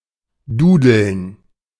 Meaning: to play incessantly
- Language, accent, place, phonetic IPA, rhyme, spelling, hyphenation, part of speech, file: German, Germany, Berlin, [ˈduːdl̩n], -uːdl̩n, dudeln, du‧deln, verb, De-dudeln.ogg